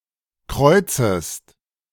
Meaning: second-person singular subjunctive I of kreuzen
- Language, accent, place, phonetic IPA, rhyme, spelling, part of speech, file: German, Germany, Berlin, [ˈkʁɔɪ̯t͡səst], -ɔɪ̯t͡səst, kreuzest, verb, De-kreuzest.ogg